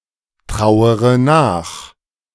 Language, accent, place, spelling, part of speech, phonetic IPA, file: German, Germany, Berlin, trauere nach, verb, [ˌtʁaʊ̯əʁə ˈnaːx], De-trauere nach.ogg
- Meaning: inflection of nachtrauern: 1. first-person singular present 2. first-person plural subjunctive I 3. third-person singular subjunctive I 4. singular imperative